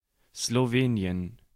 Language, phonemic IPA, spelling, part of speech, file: German, /sloˈveːni̯ən/, Slowenien, proper noun, De-Slowenien.ogg
- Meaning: Slovenia (a country on the Balkan Peninsula in Central Europe)